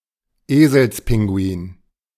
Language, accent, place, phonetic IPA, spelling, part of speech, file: German, Germany, Berlin, [ˈeːzl̩sˌpɪŋɡuiːn], Eselspinguin, noun, De-Eselspinguin.ogg
- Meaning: gentoo, gentoo penguin